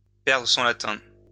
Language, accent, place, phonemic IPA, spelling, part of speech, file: French, France, Lyon, /pɛʁ.dʁə sɔ̃ la.tɛ̃/, perdre son latin, verb, LL-Q150 (fra)-perdre son latin.wav
- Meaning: to be confused, to be baffled, to be unsettled (by it, "it" being something previously mentioned)